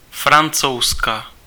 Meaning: Frenchwoman
- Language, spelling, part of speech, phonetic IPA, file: Czech, Francouzka, noun, [ˈfrant͡sou̯ska], Cs-Francouzka.ogg